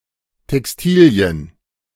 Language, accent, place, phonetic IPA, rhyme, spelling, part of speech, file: German, Germany, Berlin, [tɛksˈtiːli̯ən], -iːli̯ən, Textilien, noun, De-Textilien.ogg
- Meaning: plural of Textilie